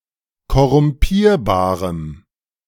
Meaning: strong dative masculine/neuter singular of korrumpierbar
- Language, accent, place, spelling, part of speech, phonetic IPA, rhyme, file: German, Germany, Berlin, korrumpierbarem, adjective, [kɔʁʊmˈpiːɐ̯baːʁəm], -iːɐ̯baːʁəm, De-korrumpierbarem.ogg